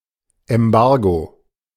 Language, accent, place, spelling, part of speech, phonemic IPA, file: German, Germany, Berlin, Embargo, noun, /ɛmˈbaʁɡo/, De-Embargo.ogg
- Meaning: embargo